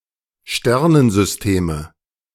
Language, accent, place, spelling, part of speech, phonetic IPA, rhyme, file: German, Germany, Berlin, Sternensysteme, noun, [ˈʃtɛʁnənzʏsˌteːmə], -ɛʁnənzʏsteːmə, De-Sternensysteme.ogg
- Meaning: nominative/accusative/genitive plural of Sternensystem